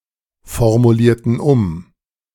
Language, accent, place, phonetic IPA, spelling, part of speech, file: German, Germany, Berlin, [fɔʁmuˌliːɐ̯tn̩ ˈʊm], formulierten um, verb, De-formulierten um.ogg
- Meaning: inflection of umformulieren: 1. first/third-person plural preterite 2. first/third-person plural subjunctive II